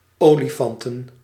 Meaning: plural of olifant
- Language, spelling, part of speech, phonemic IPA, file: Dutch, olifanten, noun, /ˈoliˌfɑntə(n)/, Nl-olifanten.ogg